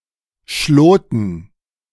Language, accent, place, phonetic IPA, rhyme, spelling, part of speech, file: German, Germany, Berlin, [ˈʃloːtn̩], -oːtn̩, Schloten, noun, De-Schloten.ogg
- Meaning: dative plural of Schlot